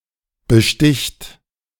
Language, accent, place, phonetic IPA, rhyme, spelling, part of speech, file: German, Germany, Berlin, [bəˈʃtɪçt], -ɪçt, besticht, verb, De-besticht.ogg
- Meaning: third-person singular present of bestechen